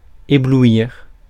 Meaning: to dazzle
- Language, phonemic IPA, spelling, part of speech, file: French, /e.blu.iʁ/, éblouir, verb, Fr-éblouir.ogg